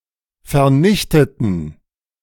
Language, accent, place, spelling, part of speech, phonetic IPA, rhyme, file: German, Germany, Berlin, vernichteten, adjective / verb, [fɛɐ̯ˈnɪçtətn̩], -ɪçtətn̩, De-vernichteten.ogg
- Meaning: inflection of vernichten: 1. first/third-person plural preterite 2. first/third-person plural subjunctive II